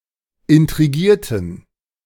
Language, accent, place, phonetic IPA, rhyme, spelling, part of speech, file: German, Germany, Berlin, [ɪntʁiˈɡiːɐ̯tn̩], -iːɐ̯tn̩, intrigierten, verb, De-intrigierten.ogg
- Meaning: inflection of intrigieren: 1. first/third-person plural preterite 2. first/third-person plural subjunctive II